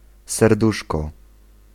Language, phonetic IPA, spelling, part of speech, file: Polish, [sɛrˈduʃkɔ], serduszko, noun, Pl-serduszko.ogg